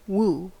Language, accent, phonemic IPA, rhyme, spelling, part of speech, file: English, General American, /wuː/, -uː, woo, verb / interjection / adjective / noun, En-us-woo.ogg
- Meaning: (verb) 1. To endeavor to gain someone's affection or support 2. Often of a man, to try to persuade (someone) to be in an amorous relationship with